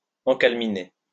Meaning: to becalm
- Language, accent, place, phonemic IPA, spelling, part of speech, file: French, France, Lyon, /ɑ̃.kal.mi.ne/, encalminer, verb, LL-Q150 (fra)-encalminer.wav